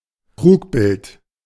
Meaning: illusion
- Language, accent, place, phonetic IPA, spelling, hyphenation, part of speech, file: German, Germany, Berlin, [ˈtʁuːkˌbɪlt], Trugbild, Trug‧bild, noun, De-Trugbild.ogg